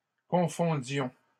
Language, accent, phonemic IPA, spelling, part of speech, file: French, Canada, /kɔ̃.fɔ̃.djɔ̃/, confondions, verb, LL-Q150 (fra)-confondions.wav
- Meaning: inflection of confondre: 1. first-person plural imperfect indicative 2. first-person plural present subjunctive